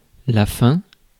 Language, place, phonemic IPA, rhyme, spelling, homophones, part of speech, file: French, Paris, /fɛ̃/, -ɛ̃, faim, faims / fin / fins / feins / feint / feints, noun, Fr-faim.ogg
- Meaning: 1. hunger (desire of food) 2. hunger (strong desire)